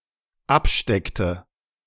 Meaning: inflection of abstecken: 1. first/third-person singular dependent preterite 2. first/third-person singular dependent subjunctive II
- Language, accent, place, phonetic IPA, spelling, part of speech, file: German, Germany, Berlin, [ˈapˌʃtɛktə], absteckte, verb, De-absteckte.ogg